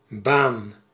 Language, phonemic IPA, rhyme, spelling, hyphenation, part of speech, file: Dutch, /baːn/, -aːn, baan, baan, noun / verb, Nl-baan.ogg
- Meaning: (noun) 1. a road, way, path 2. a track, lane 3. a job, professional occupation 4. orbit (path of one object around another) 5. a job (task, or series of tasks, carried out in batch mode)